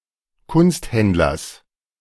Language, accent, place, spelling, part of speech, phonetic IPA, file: German, Germany, Berlin, Kunsthändlers, noun, [ˈkʊnstˌhɛndlɐs], De-Kunsthändlers.ogg
- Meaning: genitive singular of Kunsthändler